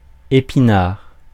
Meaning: 1. spinach plant (Spinacia oleracea) 2. spinach (foodstuff)
- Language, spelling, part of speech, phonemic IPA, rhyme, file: French, épinard, noun, /e.pi.naʁ/, -aʁ, Fr-épinard.ogg